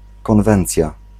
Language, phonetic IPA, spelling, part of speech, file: Polish, [kɔ̃nˈvɛ̃nt͡sʲja], konwencja, noun, Pl-konwencja.ogg